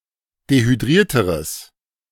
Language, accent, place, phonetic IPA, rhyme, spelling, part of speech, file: German, Germany, Berlin, [dehyˈdʁiːɐ̯təʁəs], -iːɐ̯təʁəs, dehydrierteres, adjective, De-dehydrierteres.ogg
- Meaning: strong/mixed nominative/accusative neuter singular comparative degree of dehydriert